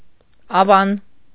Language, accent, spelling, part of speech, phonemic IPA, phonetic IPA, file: Armenian, Eastern Armenian, ավան, noun, /ɑˈvɑn/, [ɑvɑ́n], Hy-ավան.ogg
- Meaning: small town